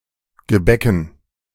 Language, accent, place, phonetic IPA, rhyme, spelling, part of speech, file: German, Germany, Berlin, [ɡəˈbɛkn̩], -ɛkn̩, Gebäcken, noun, De-Gebäcken.ogg
- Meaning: dative plural of Gebäck